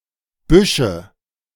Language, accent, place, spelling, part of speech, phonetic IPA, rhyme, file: German, Germany, Berlin, Büsche, noun, [ˈbʏʃə], -ʏʃə, De-Büsche.ogg
- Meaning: nominative/accusative/genitive plural of Busch